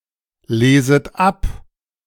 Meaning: second-person plural subjunctive I of ablesen
- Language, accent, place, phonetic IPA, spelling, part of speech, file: German, Germany, Berlin, [ˌleːzət ˈap], leset ab, verb, De-leset ab.ogg